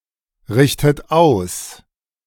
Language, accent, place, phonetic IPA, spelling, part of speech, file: German, Germany, Berlin, [ˌʁɪçtət ˈaʊ̯s], richtet aus, verb, De-richtet aus.ogg
- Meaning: inflection of ausrichten: 1. second-person plural present 2. second-person plural subjunctive I 3. third-person singular present 4. plural imperative